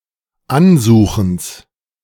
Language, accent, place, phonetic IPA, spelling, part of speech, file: German, Germany, Berlin, [ˈanˌzuːxn̩s], Ansuchens, noun, De-Ansuchens.ogg
- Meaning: genitive singular of Ansuchen